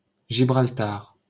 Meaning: Gibraltar (a peninsula, city, and overseas territory of the United Kingdom, at the southern end of Iberia)
- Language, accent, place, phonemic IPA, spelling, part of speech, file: French, France, Paris, /ʒi.bʁal.taʁ/, Gibraltar, proper noun, LL-Q150 (fra)-Gibraltar.wav